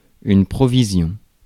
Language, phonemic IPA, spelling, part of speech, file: French, /pʁɔ.vi.zjɔ̃/, provision, noun, Fr-provision.ogg
- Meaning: provision